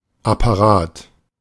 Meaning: 1. apparatus, device, machine (complex instrument) 2. apparat, apparatus (organisation, especially bureaucratic)
- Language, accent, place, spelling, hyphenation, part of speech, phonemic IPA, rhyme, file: German, Germany, Berlin, Apparat, Ap‧pa‧rat, noun, /apaˈʁaːt/, -aːt, De-Apparat.ogg